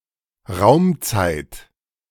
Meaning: spacetime
- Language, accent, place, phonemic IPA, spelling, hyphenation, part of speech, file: German, Germany, Berlin, /ˈʁaʊ̯mtsaɪ̯t/, Raumzeit, Raum‧zeit, noun, De-Raumzeit.ogg